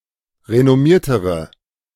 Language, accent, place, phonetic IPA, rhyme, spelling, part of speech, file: German, Germany, Berlin, [ʁenɔˈmiːɐ̯təʁə], -iːɐ̯təʁə, renommiertere, adjective, De-renommiertere.ogg
- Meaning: inflection of renommiert: 1. strong/mixed nominative/accusative feminine singular comparative degree 2. strong nominative/accusative plural comparative degree